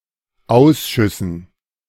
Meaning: dative plural of Ausschuss
- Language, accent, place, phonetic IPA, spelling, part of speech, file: German, Germany, Berlin, [ˈaʊ̯sʃʏsn̩], Ausschüssen, noun, De-Ausschüssen.ogg